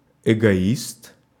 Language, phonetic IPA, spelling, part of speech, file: Russian, [ɪɡɐˈist], эгоист, noun, Ru-эгоист.ogg
- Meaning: egotist